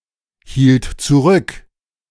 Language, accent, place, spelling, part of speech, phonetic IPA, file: German, Germany, Berlin, hielt zurück, verb, [ˌhiːlt t͡suˈʁʏk], De-hielt zurück.ogg
- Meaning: first/third-person singular preterite of zurückhalten